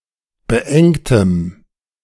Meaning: strong dative masculine/neuter singular of beengt
- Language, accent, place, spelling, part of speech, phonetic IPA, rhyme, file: German, Germany, Berlin, beengtem, adjective, [bəˈʔɛŋtəm], -ɛŋtəm, De-beengtem.ogg